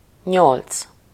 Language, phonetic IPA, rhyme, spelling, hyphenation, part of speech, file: Hungarian, [ˈɲolt͡s], -olt͡s, nyolc, nyolc, numeral, Hu-nyolc.ogg
- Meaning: 1. eight 2. whatever, it doesn’t matter